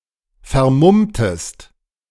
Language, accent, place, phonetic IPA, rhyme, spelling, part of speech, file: German, Germany, Berlin, [fɛɐ̯ˈmʊmtəst], -ʊmtəst, vermummtest, verb, De-vermummtest.ogg
- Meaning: inflection of vermummen: 1. second-person singular preterite 2. second-person singular subjunctive II